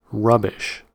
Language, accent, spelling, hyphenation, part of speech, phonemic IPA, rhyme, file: English, General American, rubbish, rub‧bish, noun / adjective / interjection / verb, /ˈɹʌbɪʃ/, -ʌbɪʃ, En-us-rubbish.ogg
- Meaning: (noun) 1. Refuse, waste, garbage, junk, trash 2. An item, or items, of low quality 3. Nonsense 4. Debris or ruins of buildings; rubble; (adjective) Exceedingly bad; awful